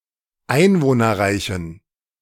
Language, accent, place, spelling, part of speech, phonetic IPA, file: German, Germany, Berlin, einwohnerreichen, adjective, [ˈaɪ̯nvoːnɐˌʁaɪ̯çn̩], De-einwohnerreichen.ogg
- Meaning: inflection of einwohnerreich: 1. strong genitive masculine/neuter singular 2. weak/mixed genitive/dative all-gender singular 3. strong/weak/mixed accusative masculine singular 4. strong dative plural